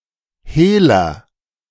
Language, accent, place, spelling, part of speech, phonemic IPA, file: German, Germany, Berlin, Hehler, noun, /ˈheːlɐ/, De-Hehler.ogg
- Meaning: agent noun of hehlen; receiver and usually peddler of stolen goods; fence